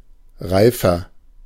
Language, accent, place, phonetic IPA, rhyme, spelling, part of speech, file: German, Germany, Berlin, [ˈʁaɪ̯fɐ], -aɪ̯fɐ, reifer, adjective, De-reifer.ogg
- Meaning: 1. comparative degree of reif 2. inflection of reif: strong/mixed nominative masculine singular 3. inflection of reif: strong genitive/dative feminine singular